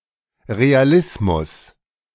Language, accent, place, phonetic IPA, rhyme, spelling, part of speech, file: German, Germany, Berlin, [ˌʁeaˈlɪsmʊs], -ɪsmʊs, Realismus, noun, De-Realismus.ogg
- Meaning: realism